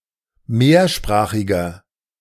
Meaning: inflection of mehrsprachig: 1. strong/mixed nominative masculine singular 2. strong genitive/dative feminine singular 3. strong genitive plural
- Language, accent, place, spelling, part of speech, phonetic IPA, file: German, Germany, Berlin, mehrsprachiger, adjective, [ˈmeːɐ̯ˌʃpʁaːxɪɡɐ], De-mehrsprachiger.ogg